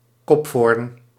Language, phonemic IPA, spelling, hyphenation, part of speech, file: Dutch, /ˈkɔp.foːrn/, kopvoorn, kop‧voorn, noun, Nl-kopvoorn.ogg
- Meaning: European chub (Squalius cephalus)